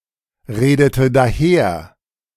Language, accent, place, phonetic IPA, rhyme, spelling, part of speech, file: German, Germany, Berlin, [ˌʁeːdətə daˈheːɐ̯], -eːɐ̯, redete daher, verb, De-redete daher.ogg
- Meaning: first/third-person singular preterite of daherreden